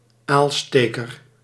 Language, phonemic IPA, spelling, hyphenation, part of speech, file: Dutch, /ˈaːlˌsteː.kər/, aalsteker, aal‧ste‧ker, noun, Nl-aalsteker.ogg
- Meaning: spear for fishing eel